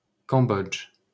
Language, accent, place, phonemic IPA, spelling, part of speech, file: French, France, Paris, /kɑ̃.bɔdʒ/, Cambodge, proper noun, LL-Q150 (fra)-Cambodge.wav
- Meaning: Cambodia (a country in Southeast Asia)